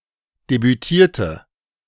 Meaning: inflection of debütieren: 1. first/third-person singular preterite 2. first/third-person singular subjunctive II
- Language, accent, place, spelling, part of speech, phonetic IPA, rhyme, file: German, Germany, Berlin, debütierte, adjective / verb, [debyˈtiːɐ̯tə], -iːɐ̯tə, De-debütierte.ogg